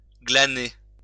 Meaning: to gather, to glean
- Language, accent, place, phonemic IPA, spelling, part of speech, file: French, France, Lyon, /ɡla.ne/, glaner, verb, LL-Q150 (fra)-glaner.wav